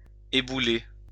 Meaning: 1. to crumble or crumple 2. to collapse
- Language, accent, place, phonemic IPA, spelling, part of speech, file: French, France, Lyon, /e.bu.le/, ébouler, verb, LL-Q150 (fra)-ébouler.wav